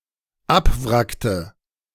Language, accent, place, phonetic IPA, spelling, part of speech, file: German, Germany, Berlin, [ˈapˌvʁaktə], abwrackte, verb, De-abwrackte.ogg
- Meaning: inflection of abwracken: 1. first/third-person singular dependent preterite 2. first/third-person singular dependent subjunctive II